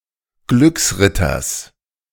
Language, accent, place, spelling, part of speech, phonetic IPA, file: German, Germany, Berlin, Glücksritters, noun, [ˈɡlʏksˌʁɪtɐs], De-Glücksritters.ogg
- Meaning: genitive singular of Glücksritter